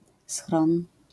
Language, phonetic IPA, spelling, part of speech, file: Polish, [sxrɔ̃n], schron, noun, LL-Q809 (pol)-schron.wav